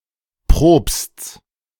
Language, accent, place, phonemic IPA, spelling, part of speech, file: German, Germany, Berlin, /pʁoːpsts/, Propsts, noun, De-Propsts.ogg
- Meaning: genitive singular of Propst